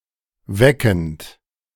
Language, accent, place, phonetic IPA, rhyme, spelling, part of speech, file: German, Germany, Berlin, [ˈvɛkn̩t], -ɛkn̩t, weckend, verb, De-weckend.ogg
- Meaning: present participle of wecken